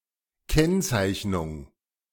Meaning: 1. flagging, marking 2. definite description
- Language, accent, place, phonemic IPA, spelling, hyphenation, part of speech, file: German, Germany, Berlin, /ˈkɛnˌt͡saɪ̯çnʊŋ/, Kennzeichnung, Kenn‧zeich‧nung, noun, De-Kennzeichnung.ogg